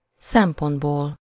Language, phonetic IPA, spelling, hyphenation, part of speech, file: Hungarian, [ˈsɛmpondboːl], szempontból, szem‧pont‧ból, noun, Hu-szempontból.ogg
- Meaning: elative singular of szempont